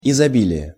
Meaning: abundance, plenty, profusion, multitude, wealth, plethora
- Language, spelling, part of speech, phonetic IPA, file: Russian, изобилие, noun, [ɪzɐˈbʲilʲɪje], Ru-изобилие.ogg